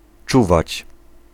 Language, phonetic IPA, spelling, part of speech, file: Polish, [ˈt͡ʃuvat͡ɕ], czuwać, verb, Pl-czuwać.ogg